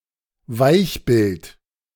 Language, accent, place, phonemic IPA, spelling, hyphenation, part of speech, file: German, Germany, Berlin, /ˈvaɪ̯çbɪlt/, Weichbild, Weich‧bild, noun, De-Weichbild.ogg
- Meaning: city area